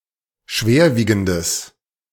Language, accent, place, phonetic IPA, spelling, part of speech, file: German, Germany, Berlin, [ˈʃveːɐ̯ˌviːɡn̩dəs], schwerwiegendes, adjective, De-schwerwiegendes.ogg
- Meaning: strong/mixed nominative/accusative neuter singular of schwerwiegend